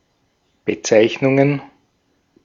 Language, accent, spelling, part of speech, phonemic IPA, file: German, Austria, Bezeichnungen, noun, /bəˈtsaɪ̯çnʊŋən/, De-at-Bezeichnungen.ogg
- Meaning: plural of Bezeichnung